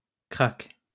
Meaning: crash
- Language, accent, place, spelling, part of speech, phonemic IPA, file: French, France, Lyon, krach, noun, /kʁak/, LL-Q150 (fra)-krach.wav